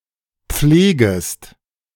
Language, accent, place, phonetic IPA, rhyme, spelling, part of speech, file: German, Germany, Berlin, [ˈp͡fleːɡəst], -eːɡəst, pflegest, verb, De-pflegest.ogg
- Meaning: second-person singular subjunctive I of pflegen